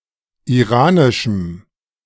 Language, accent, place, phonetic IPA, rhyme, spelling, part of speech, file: German, Germany, Berlin, [iˈʁaːnɪʃm̩], -aːnɪʃm̩, iranischem, adjective, De-iranischem.ogg
- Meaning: strong dative masculine/neuter singular of iranisch